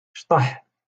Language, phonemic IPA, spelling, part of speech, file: Moroccan Arabic, /ʃtˤaħ/, شطح, verb, LL-Q56426 (ary)-شطح.wav
- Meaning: to dance